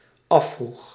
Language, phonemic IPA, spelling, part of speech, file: Dutch, /ˈɑfruɣ/, afvroeg, verb, Nl-afvroeg.ogg
- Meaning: singular dependent-clause past indicative of afvragen